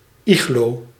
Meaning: an igloo, Inuit snow/ice-built cabin
- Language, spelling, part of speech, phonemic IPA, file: Dutch, iglo, noun, /ˈiɣloː/, Nl-iglo.ogg